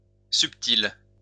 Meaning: feminine singular of subtil
- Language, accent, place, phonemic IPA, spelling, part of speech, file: French, France, Lyon, /syp.til/, subtile, adjective, LL-Q150 (fra)-subtile.wav